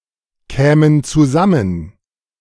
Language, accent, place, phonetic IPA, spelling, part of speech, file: German, Germany, Berlin, [ˌkɛːmən t͡suˈzamən], kämen zusammen, verb, De-kämen zusammen.ogg
- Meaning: first/third-person plural subjunctive II of zusammenkommen